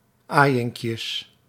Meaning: plural of aaiinkje
- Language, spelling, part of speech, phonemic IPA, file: Dutch, aaiinkjes, noun, /ˈajɪŋkjəs/, Nl-aaiinkjes.ogg